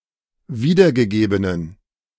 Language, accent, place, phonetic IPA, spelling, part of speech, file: German, Germany, Berlin, [ˈviːdɐɡəˌɡeːbənən], wiedergegebenen, adjective, De-wiedergegebenen.ogg
- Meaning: inflection of wiedergegeben: 1. strong genitive masculine/neuter singular 2. weak/mixed genitive/dative all-gender singular 3. strong/weak/mixed accusative masculine singular 4. strong dative plural